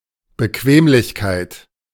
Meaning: comfort
- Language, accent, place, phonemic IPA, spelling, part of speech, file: German, Germany, Berlin, /bəˈkveːmlɪçkaɪ̯t/, Bequemlichkeit, noun, De-Bequemlichkeit.ogg